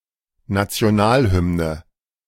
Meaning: national anthem
- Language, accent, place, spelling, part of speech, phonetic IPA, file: German, Germany, Berlin, Nationalhymne, noun, [ˌnat͡si̯oˈnaːlˌhʏmnə], De-Nationalhymne.ogg